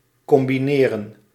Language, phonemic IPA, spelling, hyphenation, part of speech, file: Dutch, /ˌkɔmbiˈneːrə(n)/, combineren, com‧bi‧ne‧ren, verb, Nl-combineren.ogg
- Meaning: to combine